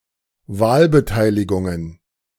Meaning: plural of Wahlbeteiligung
- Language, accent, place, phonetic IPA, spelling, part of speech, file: German, Germany, Berlin, [ˈvaːlbəˌtaɪ̯lɪɡʊŋən], Wahlbeteiligungen, noun, De-Wahlbeteiligungen.ogg